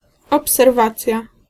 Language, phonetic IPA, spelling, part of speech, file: Polish, [ˌɔpsɛrˈvat͡sʲja], obserwacja, noun, Pl-obserwacja.ogg